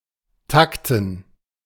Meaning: to clock
- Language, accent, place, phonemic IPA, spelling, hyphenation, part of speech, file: German, Germany, Berlin, /ˈtaktn̩/, takten, tak‧ten, verb, De-takten.ogg